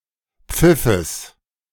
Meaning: genitive singular of Pfiff
- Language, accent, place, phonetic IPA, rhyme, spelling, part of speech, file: German, Germany, Berlin, [ˈp͡fɪfəs], -ɪfəs, Pfiffes, noun, De-Pfiffes.ogg